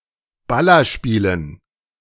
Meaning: dative plural of Ballerspiel
- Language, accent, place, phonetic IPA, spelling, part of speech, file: German, Germany, Berlin, [ˈbalɐʃpiːlən], Ballerspielen, noun, De-Ballerspielen.ogg